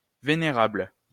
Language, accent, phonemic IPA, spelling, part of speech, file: French, France, /ve.ne.ʁabl/, vénérable, adjective, LL-Q150 (fra)-vénérable.wav
- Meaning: venerable